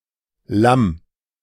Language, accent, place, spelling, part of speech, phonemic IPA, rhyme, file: German, Germany, Berlin, Lamm, noun, /lam/, -am, De-Lamm.ogg
- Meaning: lamb